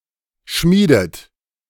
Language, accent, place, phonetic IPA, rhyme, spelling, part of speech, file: German, Germany, Berlin, [ˈʃmiːdət], -iːdət, schmiedet, verb, De-schmiedet.ogg
- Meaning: inflection of schmieden: 1. third-person singular present 2. second-person plural present 3. second-person plural subjunctive I 4. plural imperative